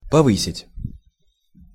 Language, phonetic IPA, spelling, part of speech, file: Russian, [pɐˈvɨsʲɪtʲ], повысить, verb, Ru-повысить.ogg
- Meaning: to raise, to increase, to heighten, to boost, to elevate